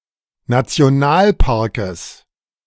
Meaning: genitive singular of Nationalpark
- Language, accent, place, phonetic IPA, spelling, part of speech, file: German, Germany, Berlin, [nat͡si̯oˈnaːlˌpaʁkəs], Nationalparkes, noun, De-Nationalparkes.ogg